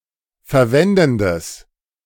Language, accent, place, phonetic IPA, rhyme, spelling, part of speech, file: German, Germany, Berlin, [fɛɐ̯ˈvɛndn̩dəs], -ɛndn̩dəs, verwendendes, adjective, De-verwendendes.ogg
- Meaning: strong/mixed nominative/accusative neuter singular of verwendend